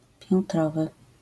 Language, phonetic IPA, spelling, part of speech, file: Polish, [pʲjɛ̃nˈtrɔvɨ], piętrowy, adjective, LL-Q809 (pol)-piętrowy.wav